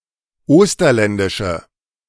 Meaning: inflection of osterländisch: 1. strong/mixed nominative/accusative feminine singular 2. strong nominative/accusative plural 3. weak nominative all-gender singular
- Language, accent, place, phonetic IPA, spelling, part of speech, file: German, Germany, Berlin, [ˈoːstɐlɛndɪʃə], osterländische, adjective, De-osterländische.ogg